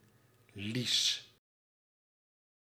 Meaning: 1. a village in Terschelling, Friesland, Netherlands 2. a hamlet in Breda, North Brabant, Netherlands 3. a diminutive of the female given name Elisabeth, variant of Lisa
- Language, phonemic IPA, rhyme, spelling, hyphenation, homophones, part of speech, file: Dutch, /lis/, -is, Lies, Lies, lease / lies, proper noun, Nl-Lies.ogg